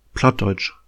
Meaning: any German lect, especially if seen as a debased form of standard German
- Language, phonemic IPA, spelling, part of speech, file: German, /ˈplatˌdɔɪ̯t͡ʃ/, Plattdeutsch, proper noun, De-Plattdeutsch.oga